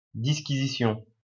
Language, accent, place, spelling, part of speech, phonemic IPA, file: French, France, Lyon, disquisition, noun, /dis.ki.zi.sjɔ̃/, LL-Q150 (fra)-disquisition.wav
- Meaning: disquisition